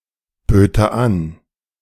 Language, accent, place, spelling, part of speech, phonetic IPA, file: German, Germany, Berlin, böte an, verb, [ˌbøːtə ˈan], De-böte an.ogg
- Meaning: first/third-person singular subjunctive II of anbieten